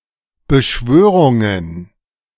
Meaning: plural of Beschwörung
- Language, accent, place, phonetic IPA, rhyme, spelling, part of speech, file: German, Germany, Berlin, [bəˈʃvøːʁʊŋən], -øːʁʊŋən, Beschwörungen, noun, De-Beschwörungen.ogg